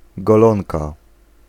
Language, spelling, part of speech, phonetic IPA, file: Polish, golonka, noun, [ɡɔˈlɔ̃nka], Pl-golonka.ogg